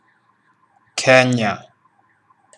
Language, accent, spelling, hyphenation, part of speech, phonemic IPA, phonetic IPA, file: English, Kenya, Kenya, Ke‧n‧ya, proper noun, /ˈkɛn.jə/, [ˈkɛ.ɲa], Kenya pronunciation.ogg
- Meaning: A country in East Africa. Official name: Republic of Kenya